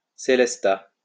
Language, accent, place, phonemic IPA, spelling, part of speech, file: French, France, Lyon, /se.lɛs.ta/, célesta, noun, LL-Q150 (fra)-célesta.wav
- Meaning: celesta